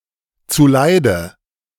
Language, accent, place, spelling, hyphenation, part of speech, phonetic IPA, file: German, Germany, Berlin, zuleide, zu‧lei‧de, adverb, [t͡suˈlaɪ̯də], De-zuleide.ogg
- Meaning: harm, harmful